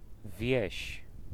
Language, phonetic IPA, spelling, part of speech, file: Polish, [vʲjɛ̇ɕ], wieś, noun, Pl-wieś.ogg